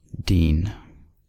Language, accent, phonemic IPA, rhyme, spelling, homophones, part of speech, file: English, US, /diːn/, -iːn, dean, deen / dene / 'dine / Dean, noun / verb, En-us-dean.ogg